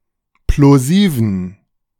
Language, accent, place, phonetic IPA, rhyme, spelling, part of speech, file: German, Germany, Berlin, [ploˈziːvn̩], -iːvn̩, plosiven, adjective, De-plosiven.ogg
- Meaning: inflection of plosiv: 1. strong genitive masculine/neuter singular 2. weak/mixed genitive/dative all-gender singular 3. strong/weak/mixed accusative masculine singular 4. strong dative plural